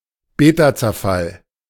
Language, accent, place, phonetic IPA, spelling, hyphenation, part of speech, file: German, Germany, Berlin, [ˈbeːtat͡sɛɐ̯ˌfal], Betazerfall, Be‧ta‧zer‧fall, noun, De-Betazerfall.ogg
- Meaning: beta decay